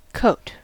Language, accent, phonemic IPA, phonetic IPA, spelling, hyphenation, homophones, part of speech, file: English, US, /ˈkoʊ̯t/, [ˈkʰoʊ̯t], coat, coat, court, noun / verb, En-us-coat.ogg
- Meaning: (noun) 1. An outer garment covering the upper torso and arms 2. A covering of material, such as paint 3. The fur or feathers covering an animal's skin